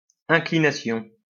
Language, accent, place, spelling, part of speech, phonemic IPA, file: French, France, Lyon, inclination, noun, /ɛ̃.kli.na.sjɔ̃/, LL-Q150 (fra)-inclination.wav
- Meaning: inclination (all senses)